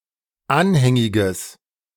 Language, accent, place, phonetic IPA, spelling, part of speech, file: German, Germany, Berlin, [ˈanhɛŋɪɡəs], anhängiges, adjective, De-anhängiges.ogg
- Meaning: strong/mixed nominative/accusative neuter singular of anhängig